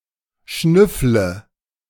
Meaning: inflection of schnüffeln: 1. first-person singular present 2. singular imperative 3. first/third-person singular subjunctive I
- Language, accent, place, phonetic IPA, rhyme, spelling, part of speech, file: German, Germany, Berlin, [ˈʃnʏflə], -ʏflə, schnüffle, verb, De-schnüffle.ogg